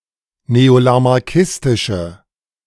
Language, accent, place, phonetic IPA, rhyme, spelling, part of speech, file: German, Germany, Berlin, [neolamaʁˈkɪstɪʃə], -ɪstɪʃə, neolamarckistische, adjective, De-neolamarckistische.ogg
- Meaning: inflection of neolamarckistisch: 1. strong/mixed nominative/accusative feminine singular 2. strong nominative/accusative plural 3. weak nominative all-gender singular